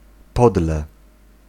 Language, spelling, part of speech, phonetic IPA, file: Polish, podle, adverb / preposition, [ˈpɔdlɛ], Pl-podle.ogg